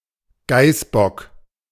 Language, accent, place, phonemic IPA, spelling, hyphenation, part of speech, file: German, Germany, Berlin, /ˈɡaɪsˌbɔk/, Geißbock, Geiß‧bock, noun, De-Geißbock.ogg
- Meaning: billy goat, he-goat